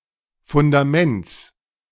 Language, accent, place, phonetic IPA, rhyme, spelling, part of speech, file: German, Germany, Berlin, [fʊndaˈmɛnt͡s], -ɛnt͡s, Fundaments, noun, De-Fundaments.ogg
- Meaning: genitive singular of Fundament